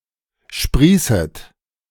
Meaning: second-person plural subjunctive I of sprießen
- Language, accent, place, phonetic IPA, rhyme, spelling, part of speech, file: German, Germany, Berlin, [ˈʃpʁiːsət], -iːsət, sprießet, verb, De-sprießet.ogg